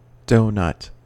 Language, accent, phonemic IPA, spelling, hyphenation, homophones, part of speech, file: English, General American, /ˈdoʊ(ˌ)nʌt/, donut, do‧nut, doughnut, noun, En-us-donut.ogg
- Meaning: Alternative spelling of doughnut